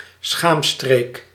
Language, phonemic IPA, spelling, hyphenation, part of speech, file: Dutch, /ˈsxaːm.streːk/, schaamstreek, schaam‧streek, noun, Nl-schaamstreek.ogg
- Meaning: pubic region